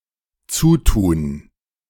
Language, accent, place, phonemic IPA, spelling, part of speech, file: German, Germany, Berlin, /ˈt͡suːˌtuːn/, zutun, verb, De-zutun.ogg
- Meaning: 1. to close 2. clipping of dazutun (“to add”)